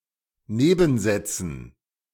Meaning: dative plural of Nebensatz
- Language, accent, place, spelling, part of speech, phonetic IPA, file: German, Germany, Berlin, Nebensätzen, noun, [ˈneːbn̩ˌzɛt͡sn̩], De-Nebensätzen.ogg